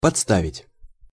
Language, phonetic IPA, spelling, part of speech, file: Russian, [pɐt͡sˈstavʲɪtʲ], подставить, verb, Ru-подставить.ogg
- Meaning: 1. to place 2. to hold up to, to offer to, to make accessible to (by bringing or turning something) 3. to substitute 4. to expose, to leave vulnerable